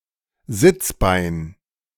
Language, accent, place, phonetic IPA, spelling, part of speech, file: German, Germany, Berlin, [ˈzɪt͡sˌbaɪ̯n], Sitzbein, noun, De-Sitzbein.ogg
- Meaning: ischium